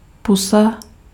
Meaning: 1. mouth 2. kiss
- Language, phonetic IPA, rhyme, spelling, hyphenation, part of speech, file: Czech, [ˈpusa], -usa, pusa, pu‧sa, noun, Cs-pusa.ogg